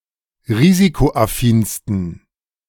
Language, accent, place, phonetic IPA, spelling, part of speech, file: German, Germany, Berlin, [ˈʁiːzikoʔaˌfiːnstn̩], risikoaffinsten, adjective, De-risikoaffinsten.ogg
- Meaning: 1. superlative degree of risikoaffin 2. inflection of risikoaffin: strong genitive masculine/neuter singular superlative degree